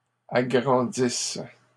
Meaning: second-person singular present/imperfect subjunctive of agrandir
- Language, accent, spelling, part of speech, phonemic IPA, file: French, Canada, agrandisses, verb, /a.ɡʁɑ̃.dis/, LL-Q150 (fra)-agrandisses.wav